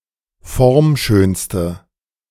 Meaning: inflection of formschön: 1. strong/mixed nominative/accusative feminine singular superlative degree 2. strong nominative/accusative plural superlative degree
- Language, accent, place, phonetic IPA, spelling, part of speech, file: German, Germany, Berlin, [ˈfɔʁmˌʃøːnstə], formschönste, adjective, De-formschönste.ogg